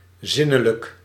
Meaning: sensual
- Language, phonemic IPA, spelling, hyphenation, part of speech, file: Dutch, /ˈzɪ.nə.lək/, zinnelijk, zin‧ne‧lijk, adjective, Nl-zinnelijk.ogg